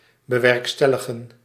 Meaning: to bring about, to realize
- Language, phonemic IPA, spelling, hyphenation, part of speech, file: Dutch, /bəˈʋɛrkstɛləɣə(n)/, bewerkstelligen, be‧werk‧stel‧li‧gen, verb, Nl-bewerkstelligen.ogg